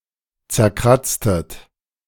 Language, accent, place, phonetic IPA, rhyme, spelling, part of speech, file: German, Germany, Berlin, [t͡sɛɐ̯ˈkʁat͡stət], -at͡stət, zerkratztet, verb, De-zerkratztet.ogg
- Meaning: inflection of zerkratzen: 1. second-person plural preterite 2. second-person plural subjunctive II